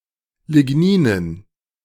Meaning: dative plural of Lignin
- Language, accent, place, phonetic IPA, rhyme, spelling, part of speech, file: German, Germany, Berlin, [lɪˈɡniːnən], -iːnən, Ligninen, noun, De-Ligninen.ogg